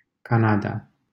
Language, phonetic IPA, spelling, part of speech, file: Romanian, [kanada], Canada, proper noun, LL-Q7913 (ron)-Canada.wav
- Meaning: Canada (a country in North America)